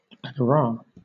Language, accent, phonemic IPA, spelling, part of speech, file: English, Southern England, /ˌæɡ.əˈɹɑː/, agora, noun, LL-Q1860 (eng)-agora.wav
- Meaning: Since 1960, a monetary unit and coin of Israel, the 100th part of a shekel / sheqel